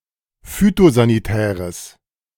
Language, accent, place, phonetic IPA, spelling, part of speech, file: German, Germany, Berlin, [ˈfyːtozaniˌtɛːʁəs], phytosanitäres, adjective, De-phytosanitäres.ogg
- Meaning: strong/mixed nominative/accusative neuter singular of phytosanitär